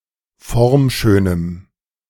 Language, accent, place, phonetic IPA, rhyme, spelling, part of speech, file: German, Germany, Berlin, [ˈfɔʁmˌʃøːnəm], -ɔʁmʃøːnəm, formschönem, adjective, De-formschönem.ogg
- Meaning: strong dative masculine/neuter singular of formschön